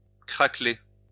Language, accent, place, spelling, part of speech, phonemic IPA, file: French, France, Lyon, craqueler, verb, /kʁa.kle/, LL-Q150 (fra)-craqueler.wav
- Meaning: to crack